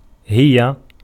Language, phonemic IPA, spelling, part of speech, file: Arabic, /hi.ja/, هي, pronoun, Ar-هي.ogg
- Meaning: 1. she (subject pronoun) 2. it (subject pronoun, referring to animals and inanimate nouns of feminine gender) 3. they (subject pronoun, non-human)